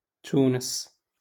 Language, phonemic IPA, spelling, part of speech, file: Moroccan Arabic, /tuːnɪs/, تونس, proper noun, LL-Q56426 (ary)-تونس.wav
- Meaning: 1. Tunisia (a country in North Africa) 2. Tunis (the capital city, since 1159, and largest city of Tunisia)